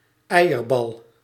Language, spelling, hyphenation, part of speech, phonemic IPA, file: Dutch, eierbal, ei‧er‧bal, noun, /ˈɛi̯.ərˌbɑl/, Nl-eierbal.ogg
- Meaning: a type of Scotch egg